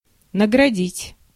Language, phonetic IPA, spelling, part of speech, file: Russian, [nəɡrɐˈdʲitʲ], наградить, verb, Ru-наградить.ogg
- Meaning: to reward, to award